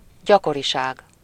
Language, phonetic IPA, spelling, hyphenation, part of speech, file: Hungarian, [ˈɟɒkoriʃaːɡ], gyakoriság, gya‧ko‧ri‧ság, noun, Hu-gyakoriság.ogg
- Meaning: frequency (rate of occurrence of anything)